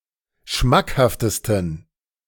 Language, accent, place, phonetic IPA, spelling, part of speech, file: German, Germany, Berlin, [ˈʃmakhaftəstn̩], schmackhaftesten, adjective, De-schmackhaftesten.ogg
- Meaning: 1. superlative degree of schmackhaft 2. inflection of schmackhaft: strong genitive masculine/neuter singular superlative degree